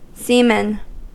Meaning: 1. Synonym of sailor, particularly on a maritime vessel 2. A person of the lowest rank in the Navy, below able seaman
- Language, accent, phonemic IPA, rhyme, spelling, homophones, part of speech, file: English, US, /ˈsiːmən/, -iːmən, seaman, semen, noun, En-us-seaman.ogg